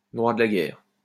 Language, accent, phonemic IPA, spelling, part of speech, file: French, France, /dʁwa d(ə) la ɡɛʁ/, droit de la guerre, noun, LL-Q150 (fra)-droit de la guerre.wav
- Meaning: law of war